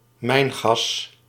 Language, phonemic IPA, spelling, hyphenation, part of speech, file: Dutch, /ˈmɛi̯n.ɣɑs/, mijngas, mijn‧gas, noun, Nl-mijngas.ogg
- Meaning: firedamp, mine gas